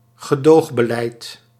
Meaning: a policy of not enforcing laws prohibiting an illegal activity without legalising or decriminalising it
- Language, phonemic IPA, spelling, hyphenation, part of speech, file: Dutch, /ɣəˈdoːx.bəˌlɛi̯t/, gedoogbeleid, ge‧doog‧be‧leid, noun, Nl-gedoogbeleid.ogg